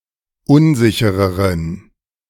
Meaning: inflection of unsicher: 1. strong genitive masculine/neuter singular comparative degree 2. weak/mixed genitive/dative all-gender singular comparative degree
- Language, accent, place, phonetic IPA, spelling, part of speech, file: German, Germany, Berlin, [ˈʊnˌzɪçəʁəʁən], unsichereren, adjective, De-unsichereren.ogg